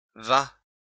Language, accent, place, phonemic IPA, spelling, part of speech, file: French, France, Lyon, /va/, va, verb, LL-Q150 (fra)-va.wav
- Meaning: inflection of aller: 1. third-person singular present active indicative 2. second-person singular imperative